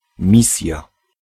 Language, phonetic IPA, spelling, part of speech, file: Polish, [ˈmʲisʲja], misja, noun, Pl-misja.ogg